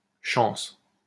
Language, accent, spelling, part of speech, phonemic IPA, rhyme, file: French, France, chance, noun, /ʃɑ̃s/, -ɑ̃s, LL-Q150 (fra)-chance.wav
- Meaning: 1. chance 2. luck 3. Immigrant of non-European heritage, short for "chance pour la France"